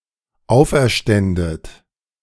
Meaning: second-person plural dependent subjunctive II of auferstehen
- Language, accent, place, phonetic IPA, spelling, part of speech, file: German, Germany, Berlin, [ˈaʊ̯fʔɛɐ̯ˌʃtɛndət], auferständet, verb, De-auferständet.ogg